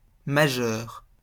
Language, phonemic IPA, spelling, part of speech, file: French, /ma.ʒœʁ/, majeure, adjective, LL-Q150 (fra)-majeure.wav
- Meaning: feminine singular of majeur